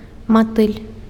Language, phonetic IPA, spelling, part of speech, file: Belarusian, [maˈtɨlʲ], матыль, noun, Be-матыль.ogg
- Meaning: butterfly